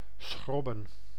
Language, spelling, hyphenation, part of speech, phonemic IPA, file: Dutch, schrobben, schrob‧ben, verb, /ˈsxrɔbə(n)/, Nl-schrobben.ogg
- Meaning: 1. to scrub; to clean with water and a hard brush or other hard implement 2. to scrape, to scratch